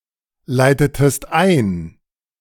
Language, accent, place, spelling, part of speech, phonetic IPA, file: German, Germany, Berlin, leitetest ein, verb, [ˌlaɪ̯tətəst ˈaɪ̯n], De-leitetest ein.ogg
- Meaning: inflection of einleiten: 1. second-person singular preterite 2. second-person singular subjunctive II